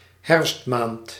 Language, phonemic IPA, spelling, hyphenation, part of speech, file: Dutch, /ˈɦɛrfst.maːnt/, herfstmaand, herfst‧maand, noun, Nl-herfstmaand.ogg
- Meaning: 1. autumn month 2. September